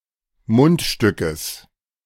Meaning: genitive singular of Mundstück
- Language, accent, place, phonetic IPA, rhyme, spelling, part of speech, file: German, Germany, Berlin, [ˈmʊntˌʃtʏkəs], -ʊntʃtʏkəs, Mundstückes, noun, De-Mundstückes.ogg